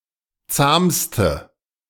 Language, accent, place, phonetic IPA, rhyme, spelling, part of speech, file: German, Germany, Berlin, [ˈt͡saːmstə], -aːmstə, zahmste, adjective, De-zahmste.ogg
- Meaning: inflection of zahm: 1. strong/mixed nominative/accusative feminine singular superlative degree 2. strong nominative/accusative plural superlative degree